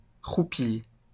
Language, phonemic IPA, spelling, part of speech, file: French, /ʁu.pi/, roupie, noun, LL-Q150 (fra)-roupie.wav
- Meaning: 1. rupee (monetary currency) 2. snot